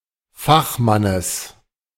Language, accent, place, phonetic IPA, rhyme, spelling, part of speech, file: German, Germany, Berlin, [ˈfaxˌmanəs], -axmanəs, Fachmannes, noun, De-Fachmannes.ogg
- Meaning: genitive singular of Fachmann